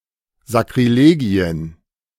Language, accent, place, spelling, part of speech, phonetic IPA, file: German, Germany, Berlin, Sakrilegien, noun, [zakʁiˈleːɡi̯ən], De-Sakrilegien.ogg
- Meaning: plural of Sakrilegium